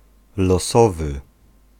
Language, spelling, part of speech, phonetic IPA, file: Polish, losowy, adjective, [lɔˈsɔvɨ], Pl-losowy.ogg